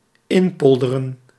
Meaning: to turn into a polder
- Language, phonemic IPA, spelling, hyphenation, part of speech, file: Dutch, /ˈɪnˌpɔl.də.rə(n)/, inpolderen, in‧pol‧de‧ren, verb, Nl-inpolderen.ogg